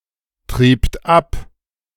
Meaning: second-person plural preterite of abtreiben
- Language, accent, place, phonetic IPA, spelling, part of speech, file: German, Germany, Berlin, [ˌtʁiːpt ˈap], triebt ab, verb, De-triebt ab.ogg